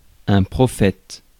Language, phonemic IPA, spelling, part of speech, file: French, /pʁɔ.fɛt/, prophète, noun, Fr-prophète.ogg
- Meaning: prophet (one who speaks by divine inspiration)